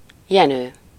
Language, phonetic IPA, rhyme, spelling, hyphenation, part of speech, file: Hungarian, [ˈjɛnøː], -nøː, Jenő, Je‧nő, proper noun, Hu-Jenő.ogg
- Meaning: a male given name, comparable to Eugene